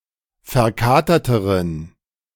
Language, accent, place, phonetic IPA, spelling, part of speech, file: German, Germany, Berlin, [fɛɐ̯ˈkaːtɐtəʁən], verkaterteren, adjective, De-verkaterteren.ogg
- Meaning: inflection of verkatert: 1. strong genitive masculine/neuter singular comparative degree 2. weak/mixed genitive/dative all-gender singular comparative degree